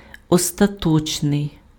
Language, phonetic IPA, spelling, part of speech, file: Ukrainian, [ɔstɐˈtɔt͡ʃnei̯], остаточний, adjective, Uk-остаточний.ogg
- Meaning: final, definitive, ultimate, conclusive